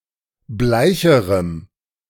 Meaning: strong dative masculine/neuter singular comparative degree of bleich
- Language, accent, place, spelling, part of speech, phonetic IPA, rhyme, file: German, Germany, Berlin, bleicherem, adjective, [ˈblaɪ̯çəʁəm], -aɪ̯çəʁəm, De-bleicherem.ogg